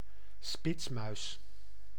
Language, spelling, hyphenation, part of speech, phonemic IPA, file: Dutch, spitsmuis, spits‧muis, noun, /ˈspɪts.mœy̯s/, Nl-spitsmuis.ogg
- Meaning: shrew, laurasiatherian of the family Soricidae